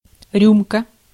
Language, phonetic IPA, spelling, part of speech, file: Russian, [ˈrʲumkə], рюмка, noun, Ru-рюмка.ogg
- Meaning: 1. any of several types of glasses primarily used for drinking liquor, such as a wine glass or shot glass and especially a rocks glass 2. shot (a quantity of liquor)